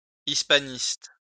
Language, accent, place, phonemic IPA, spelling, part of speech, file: French, France, Lyon, /is.pa.nist/, hispaniste, adjective / noun, LL-Q150 (fra)-hispaniste.wav
- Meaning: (adjective) Hispanist